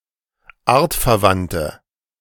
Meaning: inflection of artverwandt: 1. strong/mixed nominative/accusative feminine singular 2. strong nominative/accusative plural 3. weak nominative all-gender singular
- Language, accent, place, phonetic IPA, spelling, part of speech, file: German, Germany, Berlin, [ˈaːɐ̯tfɛɐ̯ˌvantə], artverwandte, adjective, De-artverwandte.ogg